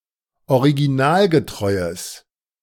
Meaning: strong/mixed nominative/accusative neuter singular of originalgetreu
- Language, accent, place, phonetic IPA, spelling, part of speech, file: German, Germany, Berlin, [oʁiɡiˈnaːlɡəˌtʁɔɪ̯əs], originalgetreues, adjective, De-originalgetreues.ogg